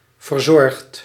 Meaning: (verb) past participle of verzorgen; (adjective) careful, tidy, cultivated
- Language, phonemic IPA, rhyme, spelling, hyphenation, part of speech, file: Dutch, /vərˈzɔrxt/, -ɔrxt, verzorgd, ver‧zorgd, verb / adjective, Nl-verzorgd.ogg